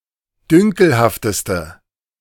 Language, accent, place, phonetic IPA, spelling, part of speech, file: German, Germany, Berlin, [ˈdʏŋkl̩haftəstə], dünkelhafteste, adjective, De-dünkelhafteste.ogg
- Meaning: inflection of dünkelhaft: 1. strong/mixed nominative/accusative feminine singular superlative degree 2. strong nominative/accusative plural superlative degree